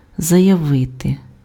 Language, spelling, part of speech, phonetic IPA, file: Ukrainian, заявити, verb, [zɐjɐˈʋɪte], Uk-заявити.ogg
- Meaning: to state, to declare, to announce